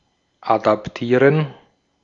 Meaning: to adapt
- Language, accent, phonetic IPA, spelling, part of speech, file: German, Austria, [ˌadapˈtiːʁən], adaptieren, verb, De-at-adaptieren.ogg